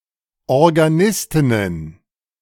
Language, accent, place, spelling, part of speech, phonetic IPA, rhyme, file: German, Germany, Berlin, Organistinnen, noun, [ɔʁɡaˈnɪstɪnən], -ɪstɪnən, De-Organistinnen.ogg
- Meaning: plural of Organistin